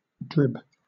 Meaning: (verb) 1. To cut off; chop off 2. To cut off little by little; cheat by small and reiterated tricks; purloin 3. To entice step by step 4. To appropriate unlawfully; to embezzle
- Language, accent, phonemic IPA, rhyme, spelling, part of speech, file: English, Southern England, /ˈdɹɪb/, -ɪb, drib, verb / noun, LL-Q1860 (eng)-drib.wav